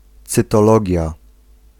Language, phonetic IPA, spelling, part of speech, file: Polish, [ˌt͡sɨtɔˈlɔɟja], cytologia, noun, Pl-cytologia.ogg